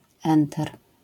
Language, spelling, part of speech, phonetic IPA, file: Polish, enter, noun, [ˈɛ̃ntɛr], LL-Q809 (pol)-enter.wav